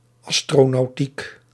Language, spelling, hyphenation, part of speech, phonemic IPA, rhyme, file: Dutch, astronautiek, as‧tro‧nau‧tiek, noun, /ˌɑs.troː.nɑu̯ˈtik/, -ik, Nl-astronautiek.ogg
- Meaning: astronautics